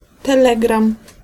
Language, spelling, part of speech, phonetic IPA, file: Polish, telegram, noun, [tɛˈlɛɡrãm], Pl-telegram.ogg